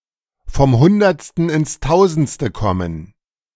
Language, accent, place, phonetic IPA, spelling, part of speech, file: German, Germany, Berlin, [fɔm ˈhʊndɐt͡stn̩ ɪns ˈtaʊ̯zn̩t͡stə ˈkɔmən], vom Hundertsten ins Tausendste kommen, verb, De-vom Hundertsten ins Tausendste kommen.ogg
- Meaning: to jump from topic to topic, to get sidetracked (in a discussion)